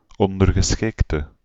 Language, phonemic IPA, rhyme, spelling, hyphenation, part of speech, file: Dutch, /ˌɔn.dər.ɣəˈsxɪk.tə/, -ɪktə, ondergeschikte, on‧der‧ge‧schik‧te, noun / adjective, Nl-ondergeschikte.ogg
- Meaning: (noun) 1. subordinate 2. underling, minion; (adjective) inflection of ondergeschikt: 1. masculine/feminine singular attributive 2. definite neuter singular attributive 3. plural attributive